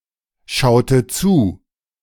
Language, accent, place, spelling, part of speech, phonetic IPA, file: German, Germany, Berlin, schaute zu, verb, [ˌʃaʊ̯tə ˈt͡suː], De-schaute zu.ogg
- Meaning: inflection of zuschauen: 1. first/third-person singular preterite 2. first/third-person singular subjunctive II